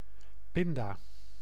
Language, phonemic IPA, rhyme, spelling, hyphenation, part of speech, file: Dutch, /ˈpɪn.daː/, -ɪndaː, pinda, pin‧da, noun, Nl-pinda.ogg
- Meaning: 1. a peanut, the nut-like pod containing the edible seed(s) of a leguminous plant 2. the annual herb Arachis hypogaea, which produces the above